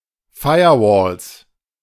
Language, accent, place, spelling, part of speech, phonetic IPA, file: German, Germany, Berlin, Firewalls, noun, [ˈfaɪ̯ɐˌvɔːls], De-Firewalls.ogg
- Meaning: plural of Firewall